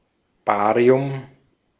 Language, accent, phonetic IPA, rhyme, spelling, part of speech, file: German, Austria, [ˈbaːʁiʊm], -aːʁiʊm, Barium, noun, De-at-Barium.ogg
- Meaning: barium